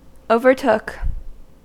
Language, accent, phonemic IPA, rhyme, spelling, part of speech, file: English, US, /oʊ.vɚˈtʊk/, -ʊk, overtook, verb, En-us-overtook.ogg
- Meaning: simple past of overtake